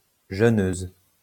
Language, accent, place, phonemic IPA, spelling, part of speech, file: French, France, Lyon, /ʒø.nøz/, jeûneuse, noun, LL-Q150 (fra)-jeûneuse.wav
- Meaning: female equivalent of jeûneur